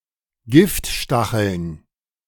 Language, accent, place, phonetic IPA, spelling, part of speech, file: German, Germany, Berlin, [ˈɡɪftˌʃtaxl̩n], Giftstacheln, noun, De-Giftstacheln.ogg
- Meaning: plural of Giftstachel